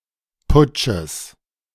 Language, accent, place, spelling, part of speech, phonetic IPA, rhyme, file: German, Germany, Berlin, Putsches, noun, [ˈpʊt͡ʃəs], -ʊt͡ʃəs, De-Putsches.ogg
- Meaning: genitive singular of Putsch